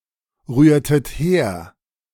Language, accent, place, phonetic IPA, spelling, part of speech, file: German, Germany, Berlin, [ˌʁyːɐ̯tət ˈheːɐ̯], rührtet her, verb, De-rührtet her.ogg
- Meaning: inflection of herrühren: 1. second-person plural preterite 2. second-person plural subjunctive II